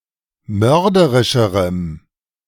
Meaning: strong dative masculine/neuter singular comparative degree of mörderisch
- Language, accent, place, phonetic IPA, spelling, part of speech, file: German, Germany, Berlin, [ˈmœʁdəʁɪʃəʁəm], mörderischerem, adjective, De-mörderischerem.ogg